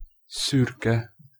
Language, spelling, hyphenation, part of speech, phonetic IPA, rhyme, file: Hungarian, szürke, szür‧ke, adjective, [ˈsyrkɛ], -kɛ, Hu-szürke.ogg
- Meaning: grey (having a color somewhere between white and black, as the ash of an ember)